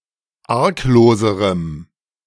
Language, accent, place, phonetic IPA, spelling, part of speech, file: German, Germany, Berlin, [ˈaʁkˌloːzəʁəm], argloserem, adjective, De-argloserem.ogg
- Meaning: strong dative masculine/neuter singular comparative degree of arglos